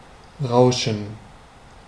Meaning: 1. to rustle, crackle, whiz, fizz (make a continuous sound, e.g. of foliage in the wind, waves at shore, a radio without reception) 2. to move while making such a sound, to rush, sweep
- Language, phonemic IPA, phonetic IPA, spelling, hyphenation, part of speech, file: German, /ˈraʊ̯ʃən/, [ˈʁaʊ̯.ʃn̩], rauschen, rau‧schen, verb, De-rauschen.ogg